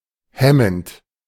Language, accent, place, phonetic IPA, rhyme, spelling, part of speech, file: German, Germany, Berlin, [ˈhɛmənt], -ɛmənt, hemmend, adjective / verb, De-hemmend.ogg
- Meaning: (verb) present participle of hemmen; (adjective) 1. inhibitory, retardant 2. repressive